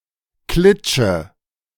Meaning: 1. a small place, house 2. a small place, house: small company
- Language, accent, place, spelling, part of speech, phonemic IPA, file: German, Germany, Berlin, Klitsche, noun, /ˈklɪt͡ʃə/, De-Klitsche.ogg